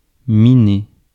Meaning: 1. to mine, exploit natural riches 2. to undermine; to erode
- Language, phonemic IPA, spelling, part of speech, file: French, /mi.ne/, miner, verb, Fr-miner.ogg